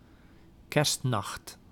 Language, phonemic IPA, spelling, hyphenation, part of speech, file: Dutch, /ˈkɛrst.nɑxt/, kerstnacht, kerst‧nacht, noun, Nl-kerstnacht.ogg
- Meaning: Christmas night (night from 24 December to 25 December)